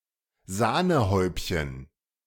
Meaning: 1. icing on the cake 2. dollop of cream on a drink
- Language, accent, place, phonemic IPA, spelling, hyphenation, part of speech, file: German, Germany, Berlin, /ˈzaːnəˌhɔɪ̯pçən/, Sahnehäubchen, Sah‧ne‧häub‧chen, noun, De-Sahnehäubchen.ogg